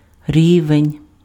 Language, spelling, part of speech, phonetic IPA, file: Ukrainian, рівень, noun, [ˈrʲiʋenʲ], Uk-рівень.ogg
- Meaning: level